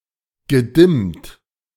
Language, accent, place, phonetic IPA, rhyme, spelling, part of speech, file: German, Germany, Berlin, [ɡəˈdɪmt], -ɪmt, gedimmt, verb, De-gedimmt.ogg
- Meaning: past participle of dimmen